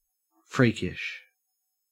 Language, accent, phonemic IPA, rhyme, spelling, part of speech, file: English, Australia, /ˈfɹiːkɪʃ/, -iːkɪʃ, freakish, adjective, En-au-freakish.ogg
- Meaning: 1. Resembling a freak 2. Strange, unusual, abnormal or bizarre 3. Capricious, unpredictable